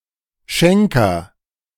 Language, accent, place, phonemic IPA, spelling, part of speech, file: German, Germany, Berlin, /ˈʃɛŋkɐ/, Schenker, noun, De-Schenker.ogg
- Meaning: agent noun of schenken: donor, benefactor, giver